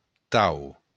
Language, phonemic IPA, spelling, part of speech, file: Occitan, /taw/, tau, adjective, LL-Q35735-tau.wav
- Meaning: such